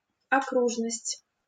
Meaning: circumference, circle
- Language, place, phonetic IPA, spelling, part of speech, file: Russian, Saint Petersburg, [ɐˈkruʐnəsʲtʲ], окружность, noun, LL-Q7737 (rus)-окружность.wav